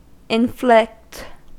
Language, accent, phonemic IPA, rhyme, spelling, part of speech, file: English, US, /ɪnˈflɪkt/, -ɪkt, inflict, verb, En-us-inflict.ogg
- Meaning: To thrust upon; to impose